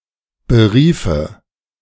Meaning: first/third-person singular subjunctive II of berufen
- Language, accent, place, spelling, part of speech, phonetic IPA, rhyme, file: German, Germany, Berlin, beriefe, verb, [bəˈʁiːfə], -iːfə, De-beriefe.ogg